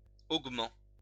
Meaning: 1. part of an estate which a widow could inherit 2. augment
- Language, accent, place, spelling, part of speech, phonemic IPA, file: French, France, Lyon, augment, noun, /oɡ.mɑ̃/, LL-Q150 (fra)-augment.wav